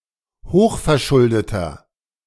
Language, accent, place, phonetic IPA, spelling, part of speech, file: German, Germany, Berlin, [ˈhoːxfɛɐ̯ˌʃʊldətɐ], hochverschuldeter, adjective, De-hochverschuldeter.ogg
- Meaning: inflection of hochverschuldet: 1. strong/mixed nominative masculine singular 2. strong genitive/dative feminine singular 3. strong genitive plural